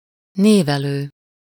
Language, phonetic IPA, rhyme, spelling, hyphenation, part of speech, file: Hungarian, [ˈneːvɛløː], -løː, névelő, név‧e‧lő, noun, Hu-névelő.ogg
- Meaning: article